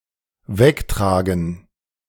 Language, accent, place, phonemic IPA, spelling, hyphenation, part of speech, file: German, Germany, Berlin, /ˈvɛkˌtʁaːɡn̩/, wegtragen, weg‧tra‧gen, verb, De-wegtragen.ogg
- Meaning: to carry away